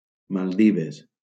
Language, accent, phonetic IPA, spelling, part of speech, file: Catalan, Valencia, [malˈdi.ves], Maldives, proper noun, LL-Q7026 (cat)-Maldives.wav
- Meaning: Maldives (an archipelago and country in South Asia, located in the Indian Ocean off the coast of India)